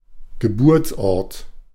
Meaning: birthplace, place of birth
- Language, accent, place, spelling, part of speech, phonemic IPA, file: German, Germany, Berlin, Geburtsort, noun, /ɡəˈbuːɐ̯t͡sˌʔɔʁt/, De-Geburtsort.ogg